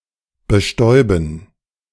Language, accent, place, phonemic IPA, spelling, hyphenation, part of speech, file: German, Germany, Berlin, /bəˈʃtɔʏ̯bən/, bestäuben, be‧stäu‧ben, verb, De-bestäuben.ogg
- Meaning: 1. to pollinate 2. to sprinkle, dust (cover thinly with powder)